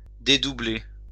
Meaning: 1. to reunite; to put back together 2. to separate; to share out 3. to duplicate
- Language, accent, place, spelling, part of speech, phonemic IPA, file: French, France, Lyon, dédoubler, verb, /de.du.ble/, LL-Q150 (fra)-dédoubler.wav